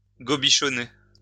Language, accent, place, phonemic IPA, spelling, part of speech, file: French, France, Lyon, /ɡɔ.bi.ʃɔ.ne/, gobichonner, verb, LL-Q150 (fra)-gobichonner.wav
- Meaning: to guzzle, gobble up, devour